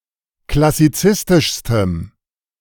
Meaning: strong dative masculine/neuter singular superlative degree of klassizistisch
- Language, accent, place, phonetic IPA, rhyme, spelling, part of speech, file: German, Germany, Berlin, [klasiˈt͡sɪstɪʃstəm], -ɪstɪʃstəm, klassizistischstem, adjective, De-klassizistischstem.ogg